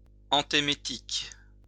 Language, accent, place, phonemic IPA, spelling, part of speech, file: French, France, Lyon, /ɑ̃.te.me.tik/, antémétique, adjective, LL-Q150 (fra)-antémétique.wav
- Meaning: alternative form of antiémétique